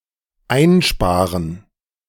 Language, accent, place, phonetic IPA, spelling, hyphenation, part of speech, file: German, Germany, Berlin, [ˈʔaɪnˌʃpaːʁən], einsparen, ein‧spa‧ren, verb, De-einsparen.ogg
- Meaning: 1. to save on 2. to reduce, cut down on